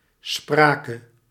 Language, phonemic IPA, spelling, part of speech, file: Dutch, /ˈspraː.kə/, sprake, noun / verb, Nl-sprake.ogg
- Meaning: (noun) 1. obsolete form of spraak 2. dative singular of spraak; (verb) singular past subjunctive of spreken